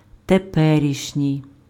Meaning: present, actual
- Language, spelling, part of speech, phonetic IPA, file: Ukrainian, теперішній, adjective, [teˈpɛrʲiʃnʲii̯], Uk-теперішній.ogg